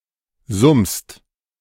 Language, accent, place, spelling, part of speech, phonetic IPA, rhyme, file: German, Germany, Berlin, summst, verb, [zʊmst], -ʊmst, De-summst.ogg
- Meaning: second-person singular present of summen